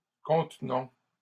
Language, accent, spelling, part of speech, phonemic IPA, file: French, Canada, contenons, verb, /kɔ̃t.nɔ̃/, LL-Q150 (fra)-contenons.wav
- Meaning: inflection of contenir: 1. first-person plural present indicative 2. first-person plural imperative